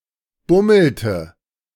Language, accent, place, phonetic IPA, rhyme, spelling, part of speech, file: German, Germany, Berlin, [ˈbʊml̩tə], -ʊml̩tə, bummelte, verb, De-bummelte.ogg
- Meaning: inflection of bummeln: 1. first/third-person singular preterite 2. first/third-person singular subjunctive II